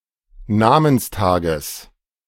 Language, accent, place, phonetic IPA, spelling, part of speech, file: German, Germany, Berlin, [ˈnaːmənsˌtaːɡəs], Namenstages, noun, De-Namenstages.ogg
- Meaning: genitive singular of Namenstag